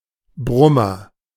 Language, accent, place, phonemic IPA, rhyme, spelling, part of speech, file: German, Germany, Berlin, /ˈbʁʊmɐ/, -ʊmɐ, Brummer, noun, De-Brummer.ogg
- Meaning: 1. a big insect, especially a bluebottle 2. a big lorry 3. an obese man 4. an attractive woman 5. a whopper, a ginormous thing 6. a choir-singer with growling or droning voice